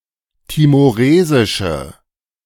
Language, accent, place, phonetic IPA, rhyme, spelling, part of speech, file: German, Germany, Berlin, [timoˈʁeːzɪʃə], -eːzɪʃə, timoresische, adjective, De-timoresische.ogg
- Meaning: inflection of timoresisch: 1. strong/mixed nominative/accusative feminine singular 2. strong nominative/accusative plural 3. weak nominative all-gender singular